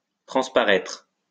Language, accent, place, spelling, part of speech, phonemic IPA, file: French, France, Lyon, transparaitre, verb, /tʁɑ̃s.pa.ʁɛtʁ/, LL-Q150 (fra)-transparaitre.wav
- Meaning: alternative form of transparaître